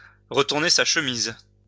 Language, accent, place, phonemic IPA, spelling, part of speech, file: French, France, Lyon, /ʁə.tuʁ.ne sa ʃ(ə).miz/, retourner sa chemise, verb, LL-Q150 (fra)-retourner sa chemise.wav
- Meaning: synonym of retourner sa veste